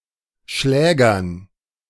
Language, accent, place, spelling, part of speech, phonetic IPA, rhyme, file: German, Germany, Berlin, Schlägern, noun, [ˈʃlɛːɡɐn], -ɛːɡɐn, De-Schlägern.ogg
- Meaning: dative plural of Schläger